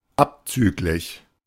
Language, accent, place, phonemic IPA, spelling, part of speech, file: German, Germany, Berlin, /ˈapt͡syːklɪç/, abzüglich, preposition, De-abzüglich.ogg
- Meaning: less, minus